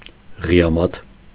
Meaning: very cold weather
- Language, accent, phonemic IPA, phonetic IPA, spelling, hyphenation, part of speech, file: Armenian, Eastern Armenian, /ʁiɑˈmɑtʰ/, [ʁi(j)ɑmɑ́tʰ], ղիամաթ, ղի‧ա‧մաթ, noun, Hy-ղիամաթ.ogg